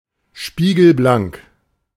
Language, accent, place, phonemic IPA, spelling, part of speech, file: German, Germany, Berlin, /ˌʃpiːɡl̩ˈblaŋk/, spiegelblank, adjective, De-spiegelblank.ogg
- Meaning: glossy, shiny